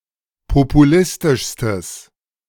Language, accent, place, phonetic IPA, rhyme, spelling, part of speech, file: German, Germany, Berlin, [popuˈlɪstɪʃstəs], -ɪstɪʃstəs, populistischstes, adjective, De-populistischstes.ogg
- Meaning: strong/mixed nominative/accusative neuter singular superlative degree of populistisch